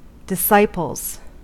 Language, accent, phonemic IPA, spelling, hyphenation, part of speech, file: English, US, /dɪˈsaɪpl̩z/, disciples, dis‧ci‧ples, noun, En-us-disciples.ogg
- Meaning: plural of disciple